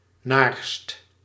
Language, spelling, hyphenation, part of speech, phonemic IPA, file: Dutch, naarst, naarst, noun, /naːrst/, Nl-naarst.ogg
- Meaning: diligence, industry, keenness